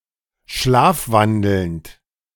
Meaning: present participle of schlafwandeln
- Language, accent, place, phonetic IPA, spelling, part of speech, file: German, Germany, Berlin, [ˈʃlaːfˌvandl̩nt], schlafwandelnd, verb, De-schlafwandelnd.ogg